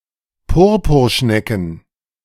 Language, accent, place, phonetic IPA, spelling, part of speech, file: German, Germany, Berlin, [ˈpʊʁpʊʁˌʃnɛkn̩], Purpurschnecken, noun, De-Purpurschnecken.ogg
- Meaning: plural of Purpurschnecke